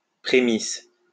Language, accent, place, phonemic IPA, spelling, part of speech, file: French, France, Lyon, /pʁe.mis/, prémices, noun, LL-Q150 (fra)-prémices.wav
- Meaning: 1. first fruits, primitiae 2. signs, auguries 3. beginning, start